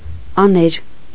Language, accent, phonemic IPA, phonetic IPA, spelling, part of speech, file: Armenian, Eastern Armenian, /ɑˈneɾ/, [ɑnéɾ], աներ, noun / verb, Hy-աներ.ogg
- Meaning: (noun) father-in-law, wife’s father; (verb) third-person singular past subjunctive of անել (anel)